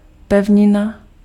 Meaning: continent
- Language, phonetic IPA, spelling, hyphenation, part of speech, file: Czech, [ˈpɛvɲɪna], pevnina, pev‧ni‧na, noun, Cs-pevnina.ogg